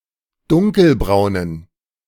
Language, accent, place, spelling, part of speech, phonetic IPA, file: German, Germany, Berlin, dunkelbraunen, adjective, [ˈdʊŋkəlˌbʁaʊ̯nən], De-dunkelbraunen.ogg
- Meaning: inflection of dunkelbraun: 1. strong genitive masculine/neuter singular 2. weak/mixed genitive/dative all-gender singular 3. strong/weak/mixed accusative masculine singular 4. strong dative plural